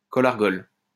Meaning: collargol
- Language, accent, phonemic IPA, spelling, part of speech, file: French, France, /kɔ.laʁ.ɡɔl/, collargol, noun, LL-Q150 (fra)-collargol.wav